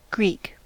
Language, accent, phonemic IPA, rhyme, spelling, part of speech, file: English, US, /ɡɹiːk/, -iːk, Greek, adjective / proper noun / noun / verb, En-us-Greek.ogg
- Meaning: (adjective) 1. Of or relating to Greece, its people, its language, or its culture 2. Synonym of incomprehensible, used for foreign speech or text, technical jargon, or advanced subjects